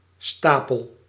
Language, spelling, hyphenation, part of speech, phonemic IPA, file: Dutch, stapel, sta‧pel, noun / verb, /ˈstaː.pəl/, Nl-stapel.ogg
- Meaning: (noun) 1. pile 2. basis, foundation, pedestal 3. stockpile, stock 4. sound post 5. cricket (or alternatively, grasshopper); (verb) inflection of stapelen: first-person singular present indicative